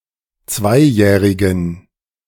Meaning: inflection of zweijährig: 1. strong genitive masculine/neuter singular 2. weak/mixed genitive/dative all-gender singular 3. strong/weak/mixed accusative masculine singular 4. strong dative plural
- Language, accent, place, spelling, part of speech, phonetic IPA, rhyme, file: German, Germany, Berlin, zweijährigen, adjective, [ˈt͡svaɪ̯ˌjɛːʁɪɡn̩], -aɪ̯jɛːʁɪɡn̩, De-zweijährigen.ogg